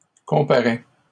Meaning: third-person singular present indicative of comparaître
- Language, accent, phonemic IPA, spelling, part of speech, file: French, Canada, /kɔ̃.pa.ʁɛ/, comparaît, verb, LL-Q150 (fra)-comparaît.wav